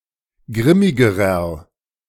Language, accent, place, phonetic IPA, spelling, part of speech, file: German, Germany, Berlin, [ˈɡʁɪmɪɡəʁɐ], grimmigerer, adjective, De-grimmigerer.ogg
- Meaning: inflection of grimmig: 1. strong/mixed nominative masculine singular comparative degree 2. strong genitive/dative feminine singular comparative degree 3. strong genitive plural comparative degree